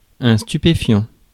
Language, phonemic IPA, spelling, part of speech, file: French, /sty.pe.fjɑ̃/, stupéfiant, verb / adjective / noun, Fr-stupéfiant.ogg
- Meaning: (verb) present participle of stupéfier; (adjective) stupefying; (noun) narcotic